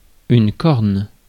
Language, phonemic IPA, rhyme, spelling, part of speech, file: French, /kɔʁn/, -ɔʁn, corne, noun, Fr-corne.ogg
- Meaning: 1. horn 2. corn (callus)